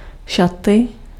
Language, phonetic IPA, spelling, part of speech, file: Czech, [ˈʃatɪ], šaty, noun, Cs-šaty.ogg
- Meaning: 1. nominative/accusative/vocative/instrumental plural of šat 2. dress (item of clothing usually worn by a woman or young girl) 3. clothes, clothing